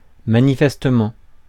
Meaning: obviously
- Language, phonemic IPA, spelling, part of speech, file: French, /ma.ni.fɛs.tə.mɑ̃/, manifestement, adverb, Fr-manifestement.ogg